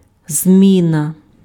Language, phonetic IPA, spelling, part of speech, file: Ukrainian, [ˈzʲmʲinɐ], зміна, noun, Uk-зміна.ogg
- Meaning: 1. change 2. shift